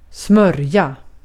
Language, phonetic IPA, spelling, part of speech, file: Swedish, [²smœ̞rːja], smörja, noun / verb, Sv-smörja.ogg
- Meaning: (noun) 1. crap, bullshit; something of very low quality or truthfulness 2. goo; any kind of partially liquid substance; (verb) to grease, to oil; to apply fat or oil to a surface